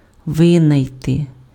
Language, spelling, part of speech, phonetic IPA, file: Ukrainian, винайти, verb, [ˈʋɪnɐi̯te], Uk-винайти.ogg
- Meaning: to invent